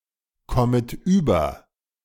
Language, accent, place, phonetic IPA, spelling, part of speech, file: German, Germany, Berlin, [ˈkɔmət yːbɐ], kommet über, verb, De-kommet über.ogg
- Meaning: second-person plural subjunctive I of überkommen